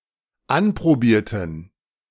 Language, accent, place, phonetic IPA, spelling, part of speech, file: German, Germany, Berlin, [ˈanpʁoˌbiːɐ̯tn̩], anprobierten, adjective / verb, De-anprobierten.ogg
- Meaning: inflection of anprobieren: 1. first/third-person plural dependent preterite 2. first/third-person plural dependent subjunctive II